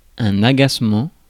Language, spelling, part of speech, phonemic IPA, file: French, agacement, noun, /a.ɡas.mɑ̃/, Fr-agacement.ogg
- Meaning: annoyance, irritation